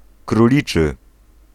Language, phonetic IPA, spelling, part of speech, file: Polish, [kruˈlʲit͡ʃɨ], króliczy, adjective, Pl-króliczy.ogg